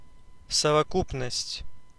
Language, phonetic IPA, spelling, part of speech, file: Russian, [səvɐˈkupnəsʲtʲ], совокупность, noun, Ru-совокупность.ogg
- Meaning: totality, the aggregate, the sum total